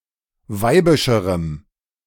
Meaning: strong dative masculine/neuter singular comparative degree of weibisch
- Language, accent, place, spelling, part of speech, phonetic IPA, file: German, Germany, Berlin, weibischerem, adjective, [ˈvaɪ̯bɪʃəʁəm], De-weibischerem.ogg